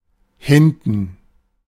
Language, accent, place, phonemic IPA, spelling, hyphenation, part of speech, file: German, Germany, Berlin, /ˈhɪntən/, hinten, hin‧ten, adverb, De-hinten.ogg
- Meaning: 1. behind; in the back 2. over (there); yonder (unspecified locative for something at some distance)